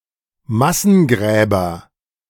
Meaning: nominative/accusative/genitive plural of Massengrab
- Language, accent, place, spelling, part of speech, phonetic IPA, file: German, Germany, Berlin, Massengräber, noun, [ˈmasn̩ˌɡʁɛːbɐ], De-Massengräber.ogg